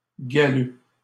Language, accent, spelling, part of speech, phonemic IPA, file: French, Canada, galeux, adjective, /ɡa.lø/, LL-Q150 (fra)-galeux.wav
- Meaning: mangy